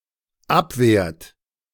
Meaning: inflection of abwehren: 1. third-person singular dependent present 2. second-person plural dependent present
- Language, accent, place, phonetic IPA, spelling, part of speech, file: German, Germany, Berlin, [ˈapˌveːɐ̯t], abwehrt, verb, De-abwehrt.ogg